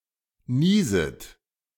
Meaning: second-person plural subjunctive I of niesen
- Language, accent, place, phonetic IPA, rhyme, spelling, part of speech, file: German, Germany, Berlin, [ˈniːzət], -iːzət, nieset, verb, De-nieset.ogg